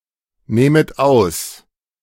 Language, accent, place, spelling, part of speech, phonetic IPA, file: German, Germany, Berlin, nähmet aus, verb, [ˌnɛːmət ˈaʊ̯s], De-nähmet aus.ogg
- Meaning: second-person plural subjunctive II of ausnehmen